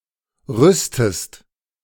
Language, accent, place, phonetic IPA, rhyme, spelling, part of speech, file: German, Germany, Berlin, [ˈʁʏstəst], -ʏstəst, rüstest, verb, De-rüstest.ogg
- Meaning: inflection of rüsten: 1. second-person singular present 2. second-person singular subjunctive I